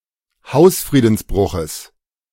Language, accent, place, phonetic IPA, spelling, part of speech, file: German, Germany, Berlin, [ˈhaʊ̯sfʁiːdn̩sˌbʁʊxəs], Hausfriedensbruches, noun, De-Hausfriedensbruches.ogg
- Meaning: genitive of Hausfriedensbruch